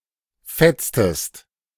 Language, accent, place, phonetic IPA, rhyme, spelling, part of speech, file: German, Germany, Berlin, [ˈfɛt͡stəst], -ɛt͡stəst, fetztest, verb, De-fetztest.ogg
- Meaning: inflection of fetzen: 1. second-person singular preterite 2. second-person singular subjunctive II